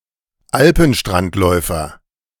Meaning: dunlin (bird of the species Calidris alpina)
- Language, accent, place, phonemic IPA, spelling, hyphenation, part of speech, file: German, Germany, Berlin, /ˈalpənʃtrantˌlɔɪ̯fɐ/, Alpenstrandläufer, Al‧pen‧strand‧läu‧fer, noun, De-Alpenstrandläufer.ogg